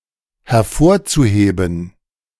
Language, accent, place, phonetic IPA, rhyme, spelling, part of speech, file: German, Germany, Berlin, [hɛɐ̯ˈfoːɐ̯t͡suˌheːbn̩], -oːɐ̯t͡suheːbn̩, hervorzuheben, verb, De-hervorzuheben.ogg
- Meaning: zu-infinitive of hervorheben